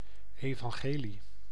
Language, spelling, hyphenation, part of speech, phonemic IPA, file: Dutch, evangelie, evan‧ge‧lie, noun, /ˌeː.vɑŋˈɣeː.li/, Nl-evangelie.ogg
- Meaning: gospel